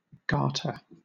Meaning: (noun) 1. A band worn around the leg to hold up a sock or stocking 2. A bendlet 3. An elastic band encircling any article of clothing
- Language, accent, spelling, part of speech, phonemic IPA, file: English, Southern England, garter, noun / verb, /ˈɡɑːtə/, LL-Q1860 (eng)-garter.wav